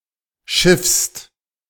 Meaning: second-person singular present of schiffen
- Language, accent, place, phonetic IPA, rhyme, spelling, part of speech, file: German, Germany, Berlin, [ʃɪfst], -ɪfst, schiffst, verb, De-schiffst.ogg